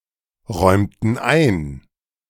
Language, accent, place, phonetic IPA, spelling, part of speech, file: German, Germany, Berlin, [ˌʁɔɪ̯mtn̩ ˈaɪ̯n], räumten ein, verb, De-räumten ein.ogg
- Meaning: inflection of einräumen: 1. first/third-person plural preterite 2. first/third-person plural subjunctive II